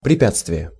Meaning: obstacle, impediment
- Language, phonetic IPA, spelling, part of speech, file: Russian, [prʲɪˈpʲat͡stvʲɪje], препятствие, noun, Ru-препятствие.ogg